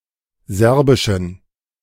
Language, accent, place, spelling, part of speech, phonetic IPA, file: German, Germany, Berlin, serbischen, adjective, [ˈzɛʁbɪʃn̩], De-serbischen.ogg
- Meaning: inflection of serbisch: 1. strong genitive masculine/neuter singular 2. weak/mixed genitive/dative all-gender singular 3. strong/weak/mixed accusative masculine singular 4. strong dative plural